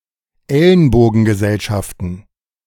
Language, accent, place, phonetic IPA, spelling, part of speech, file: German, Germany, Berlin, [ˈɛlənboːɡn̩ɡəˌzɛlʃaftn̩], Ellenbogengesellschaften, noun, De-Ellenbogengesellschaften.ogg
- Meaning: plural of Ellenbogengesellschaft